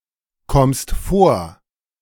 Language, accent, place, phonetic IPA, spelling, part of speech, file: German, Germany, Berlin, [ˌkɔmst ˈfoːɐ̯], kommst vor, verb, De-kommst vor.ogg
- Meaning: second-person singular present of vorkommen